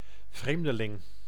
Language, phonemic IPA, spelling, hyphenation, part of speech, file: Dutch, /ˈvreːm.dəˌlɪŋ/, vreemdeling, vreem‧de‧ling, noun, Nl-vreemdeling.ogg
- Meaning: 1. stranger (unfamiliar person hailing from elsewhere) 2. foreigner